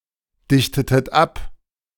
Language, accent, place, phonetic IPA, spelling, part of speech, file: German, Germany, Berlin, [ˌdɪçtətət ˈap], dichtetet ab, verb, De-dichtetet ab.ogg
- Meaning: inflection of abdichten: 1. second-person plural preterite 2. second-person plural subjunctive II